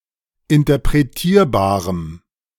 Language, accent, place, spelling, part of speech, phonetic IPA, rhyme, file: German, Germany, Berlin, interpretierbarem, adjective, [ɪntɐpʁeˈtiːɐ̯baːʁəm], -iːɐ̯baːʁəm, De-interpretierbarem.ogg
- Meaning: strong dative masculine/neuter singular of interpretierbar